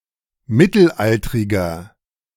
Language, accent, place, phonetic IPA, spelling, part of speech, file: German, Germany, Berlin, [ˈmɪtl̩ˌʔaltʁɪɡɐ], mittelaltriger, adjective, De-mittelaltriger.ogg
- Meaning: inflection of mittelaltrig: 1. strong/mixed nominative masculine singular 2. strong genitive/dative feminine singular 3. strong genitive plural